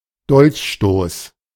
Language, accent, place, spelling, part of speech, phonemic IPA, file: German, Germany, Berlin, Dolchstoß, noun, /ˈdɔlçʃtoːs/, De-Dolchstoß.ogg
- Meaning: 1. stab in the back 2. dagger thrust